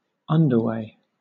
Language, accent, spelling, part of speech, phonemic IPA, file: English, Southern England, underway, noun, /ˈʌndə(ɹ)weɪ/, LL-Q1860 (eng)-underway.wav
- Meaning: 1. A road, track, path, or street for going under another way or obstacle; an underpass 2. An underground passage, subway, tunnel 3. A voyage, especially underwater